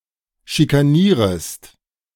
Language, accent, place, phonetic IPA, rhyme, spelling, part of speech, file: German, Germany, Berlin, [ʃikaˈniːʁəst], -iːʁəst, schikanierest, verb, De-schikanierest.ogg
- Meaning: second-person singular subjunctive I of schikanieren